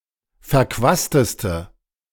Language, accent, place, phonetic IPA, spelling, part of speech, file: German, Germany, Berlin, [fɛɐ̯ˈkvaːstəstə], verquasteste, adjective, De-verquasteste.ogg
- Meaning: inflection of verquast: 1. strong/mixed nominative/accusative feminine singular superlative degree 2. strong nominative/accusative plural superlative degree